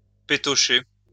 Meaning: to fear
- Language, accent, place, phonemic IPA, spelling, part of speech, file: French, France, Lyon, /pe.tɔ.ʃe/, pétocher, verb, LL-Q150 (fra)-pétocher.wav